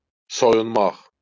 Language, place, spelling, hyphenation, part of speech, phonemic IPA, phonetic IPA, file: Azerbaijani, Baku, soyunmaq, so‧yun‧maq, verb, /sojunˈmɑχ/, [sojuˈmːɑχ], LL-Q9292 (aze)-soyunmaq.wav
- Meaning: to undress, to get undressed